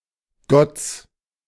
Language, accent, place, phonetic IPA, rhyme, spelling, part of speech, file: German, Germany, Berlin, [ɡɔt͡s], -ɔt͡s, Gotts, noun, De-Gotts.ogg
- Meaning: genitive singular of Gott